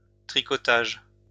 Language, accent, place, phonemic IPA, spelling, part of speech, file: French, France, Lyon, /tʁi.kɔ.taʒ/, tricotage, noun, LL-Q150 (fra)-tricotage.wav
- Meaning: knitting (occupation)